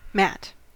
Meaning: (noun) A flat piece of coarse material used for wiping one’s feet, or as a decorative or protective floor covering
- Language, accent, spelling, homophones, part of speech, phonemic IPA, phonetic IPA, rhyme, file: English, US, mat, Matt / matte, noun / verb, /mæt/, [mæʔ(t̚)], -æt, En-us-mat.ogg